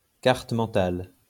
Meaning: mind map
- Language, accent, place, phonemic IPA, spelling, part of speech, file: French, France, Lyon, /kaʁ.t(ə) mɑ̃.tal/, carte mentale, noun, LL-Q150 (fra)-carte mentale.wav